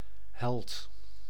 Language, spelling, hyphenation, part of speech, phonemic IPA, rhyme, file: Dutch, held, held, noun, /ɦɛlt/, -ɛlt, Nl-held.ogg
- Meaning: hero